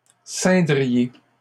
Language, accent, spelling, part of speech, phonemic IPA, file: French, Canada, ceindriez, verb, /sɛ̃.dʁi.je/, LL-Q150 (fra)-ceindriez.wav
- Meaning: second-person plural conditional of ceindre